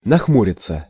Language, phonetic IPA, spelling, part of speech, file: Russian, [nɐxˈmurʲɪt͡sə], нахмуриться, verb, Ru-нахмуриться.ogg
- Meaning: 1. to frown 2. to gloom, to lour (of rain clouds) 3. passive of нахму́рить (naxmúritʹ)